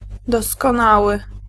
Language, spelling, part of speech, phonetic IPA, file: Polish, doskonały, adjective, [ˌdɔskɔ̃ˈnawɨ], Pl-doskonały.ogg